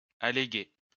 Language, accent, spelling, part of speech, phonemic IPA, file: French, France, alléguer, verb, /a.le.ɡe/, LL-Q150 (fra)-alléguer.wav
- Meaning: 1. to put forward (as a proof, or as an excuse), to argue, proffer as an argument 2. to allege 3. to cite, quote